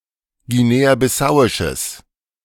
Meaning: strong/mixed nominative/accusative neuter singular of guinea-bissauisch
- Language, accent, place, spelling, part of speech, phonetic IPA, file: German, Germany, Berlin, guinea-bissauisches, adjective, [ɡiˌneːaːbɪˈsaʊ̯ɪʃəs], De-guinea-bissauisches.ogg